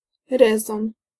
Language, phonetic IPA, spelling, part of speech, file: Polish, [ˈrɛzɔ̃n], rezon, noun, Pl-rezon.ogg